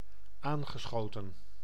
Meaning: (adjective) tipsy, squiffy; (verb) past participle of aanschieten
- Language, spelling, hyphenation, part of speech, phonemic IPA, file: Dutch, aangeschoten, aan‧ge‧scho‧ten, adjective / verb, /ˈaːn.ɣəˌsxoː.tə(n)/, Nl-aangeschoten.ogg